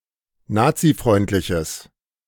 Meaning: strong/mixed nominative/accusative neuter singular of nazifreundlich
- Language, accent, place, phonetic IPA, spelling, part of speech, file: German, Germany, Berlin, [ˈnaːt͡siˌfʁɔɪ̯ntlɪçəs], nazifreundliches, adjective, De-nazifreundliches.ogg